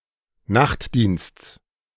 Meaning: genitive singular of Nachtdienst
- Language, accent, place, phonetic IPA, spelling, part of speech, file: German, Germany, Berlin, [ˈnaxtˌdiːnst͡s], Nachtdiensts, noun, De-Nachtdiensts.ogg